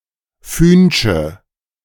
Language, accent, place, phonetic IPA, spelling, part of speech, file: German, Germany, Berlin, [ˈfyːnʃə], fühnsche, adjective, De-fühnsche.ogg
- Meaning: inflection of fühnsch: 1. strong/mixed nominative/accusative feminine singular 2. strong nominative/accusative plural 3. weak nominative all-gender singular 4. weak accusative feminine/neuter singular